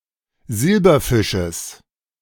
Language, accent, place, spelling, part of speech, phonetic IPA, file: German, Germany, Berlin, Silberfisches, noun, [ˈzɪlbɐˌfɪʃəs], De-Silberfisches.ogg
- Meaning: genitive singular of Silberfisch